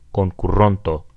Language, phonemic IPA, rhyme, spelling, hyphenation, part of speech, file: Esperanto, /kon.kuˈron.to/, -onto, konkuronto, kon‧ku‧ron‧to, noun, Eo-konkuronto.ogg
- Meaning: singular future nominal active participle of konkuri